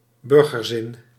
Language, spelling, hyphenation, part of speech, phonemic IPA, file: Dutch, burgerzin, bur‧ger‧zin, noun, /ˈbʏr.ɣərˌzɪn/, Nl-burgerzin.ogg
- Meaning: civil responsibility, sense of civic duty, public spirit